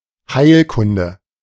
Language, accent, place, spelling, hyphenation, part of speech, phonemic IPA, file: German, Germany, Berlin, Heilkunde, Heil‧kun‧de, noun, /ˈhaɪ̯lˌkʊndə/, De-Heilkunde.ogg
- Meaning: medicine, medical science